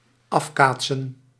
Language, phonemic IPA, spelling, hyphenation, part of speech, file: Dutch, /ˈɑfˌkaːtsə(n)/, afkaatsen, af‧kaat‧sen, verb, Nl-afkaatsen.ogg
- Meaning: to rebound, to deflect, to ricochet